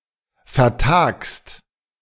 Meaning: second-person singular present of vertagen
- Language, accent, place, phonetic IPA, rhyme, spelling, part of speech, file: German, Germany, Berlin, [fɛɐ̯ˈtaːkst], -aːkst, vertagst, verb, De-vertagst.ogg